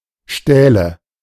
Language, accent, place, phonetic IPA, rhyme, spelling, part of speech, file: German, Germany, Berlin, [ˈʃtɛːlə], -ɛːlə, Stähle, proper noun / noun, De-Stähle.ogg
- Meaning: nominative/accusative/genitive plural of Stahl